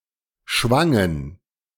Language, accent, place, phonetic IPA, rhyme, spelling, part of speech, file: German, Germany, Berlin, [ˈʃvaŋən], -aŋən, schwangen, verb, De-schwangen.ogg
- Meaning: first/third-person plural preterite of schwingen